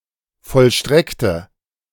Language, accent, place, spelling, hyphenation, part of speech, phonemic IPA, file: German, Germany, Berlin, vollstreckte, vollstreck‧te, verb, /ˌfɔlˈʃtʁɛktə/, De-vollstreckte.ogg
- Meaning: inflection of vollstrecken: 1. first/third-person singular preterite 2. first/third-person singular subjunctive II